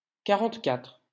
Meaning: forty-four
- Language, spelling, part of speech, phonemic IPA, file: French, quarante-quatre, numeral, /ka.ʁɑ̃t.katʁ/, LL-Q150 (fra)-quarante-quatre.wav